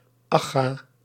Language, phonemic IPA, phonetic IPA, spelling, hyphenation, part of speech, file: Dutch, /ˈɑ.ɡaː/, [ˈɑ.χa], Agga, Ag‧ga, proper noun, Nl-Agga.ogg
- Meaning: The Hague